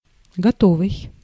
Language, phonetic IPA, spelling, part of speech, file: Russian, [ɡɐˈtovɨj], готовый, adjective, Ru-готовый.ogg
- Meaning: 1. ready, prepared 2. ready, inclined, willing 3. finished, ready-made